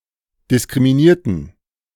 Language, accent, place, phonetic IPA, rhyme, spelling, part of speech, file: German, Germany, Berlin, [dɪskʁimiˈniːɐ̯tn̩], -iːɐ̯tn̩, diskriminierten, adjective / verb, De-diskriminierten.ogg
- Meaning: inflection of diskriminiert: 1. strong genitive masculine/neuter singular 2. weak/mixed genitive/dative all-gender singular 3. strong/weak/mixed accusative masculine singular 4. strong dative plural